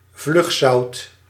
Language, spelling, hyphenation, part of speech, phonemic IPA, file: Dutch, vlugzout, vlug‧zout, noun, /ˈvlʏx.sɑu̯t/, Nl-vlugzout.ogg
- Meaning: smelling salts (ammonium carbonate)